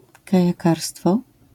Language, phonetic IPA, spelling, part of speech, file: Polish, [ˌkajaˈkarstfɔ], kajakarstwo, noun, LL-Q809 (pol)-kajakarstwo.wav